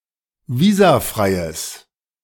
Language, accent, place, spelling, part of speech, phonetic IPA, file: German, Germany, Berlin, visafreies, adjective, [ˈviːzaˌfʁaɪ̯əs], De-visafreies.ogg
- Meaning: strong/mixed nominative/accusative neuter singular of visafrei